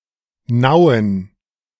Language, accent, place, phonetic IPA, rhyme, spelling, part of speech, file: German, Germany, Berlin, [ˈnaʊ̯ən], -aʊ̯ən, Nauen, proper noun, De-Nauen.ogg
- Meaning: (proper noun) a city in Brandenburg, Germany; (noun) plural of Naue